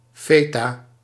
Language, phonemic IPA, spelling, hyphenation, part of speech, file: Dutch, /ˈfɛta/, feta, fe‧ta, noun, Nl-feta.ogg
- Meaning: feta